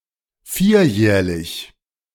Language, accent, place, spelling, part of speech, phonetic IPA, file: German, Germany, Berlin, vierjähriges, adjective, [ˈfiːɐ̯ˌjɛːʁɪɡəs], De-vierjähriges.ogg
- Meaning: strong/mixed nominative/accusative neuter singular of vierjährig